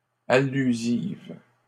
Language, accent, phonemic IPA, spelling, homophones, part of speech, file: French, Canada, /a.ly.ziv/, allusives, allusive, adjective, LL-Q150 (fra)-allusives.wav
- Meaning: feminine plural of allusif